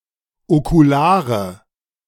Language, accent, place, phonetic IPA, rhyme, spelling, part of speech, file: German, Germany, Berlin, [okuˈlaːʁə], -aːʁə, okulare, adjective, De-okulare.ogg
- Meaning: inflection of okular: 1. strong/mixed nominative/accusative feminine singular 2. strong nominative/accusative plural 3. weak nominative all-gender singular 4. weak accusative feminine/neuter singular